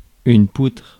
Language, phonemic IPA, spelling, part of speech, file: French, /putʁ/, poutre, noun, Fr-poutre.ogg
- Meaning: 1. beam, girder 2. balance beam